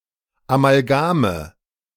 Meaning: nominative/accusative/genitive plural of Amalgam
- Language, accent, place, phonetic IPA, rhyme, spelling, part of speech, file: German, Germany, Berlin, [amalˈɡaːmə], -aːmə, Amalgame, noun, De-Amalgame.ogg